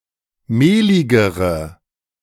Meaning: inflection of mehlig: 1. strong/mixed nominative/accusative feminine singular comparative degree 2. strong nominative/accusative plural comparative degree
- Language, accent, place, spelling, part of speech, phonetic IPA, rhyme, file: German, Germany, Berlin, mehligere, adjective, [ˈmeːlɪɡəʁə], -eːlɪɡəʁə, De-mehligere.ogg